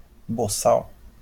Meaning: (noun) 1. muzzle 2. a slave who arrived recently from Africa 3. fool, idiot; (adjective) 1. stupid, idiot 2. rude, rough
- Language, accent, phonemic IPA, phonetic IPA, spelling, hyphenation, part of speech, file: Portuguese, Brazil, /boˈsaw/, [boˈsaʊ̯], boçal, bo‧çal, noun / adjective, LL-Q5146 (por)-boçal.wav